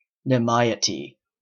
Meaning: State of being in excess, more than is needed
- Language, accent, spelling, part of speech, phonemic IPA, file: English, Canada, nimiety, noun, /nɪˈmaɪ ɪ ti/, En-ca-nimiety.oga